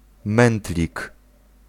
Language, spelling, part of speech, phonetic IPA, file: Polish, mętlik, noun, [ˈmɛ̃ntlʲik], Pl-mętlik.ogg